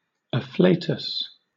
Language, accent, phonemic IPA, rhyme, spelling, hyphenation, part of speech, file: English, Southern England, /əˈfleɪtəs/, -eɪtəs, afflatus, af‧fla‧tus, noun, LL-Q1860 (eng)-afflatus.wav
- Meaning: A sudden rush of creative impulse or inspiration, often attributed to divine influence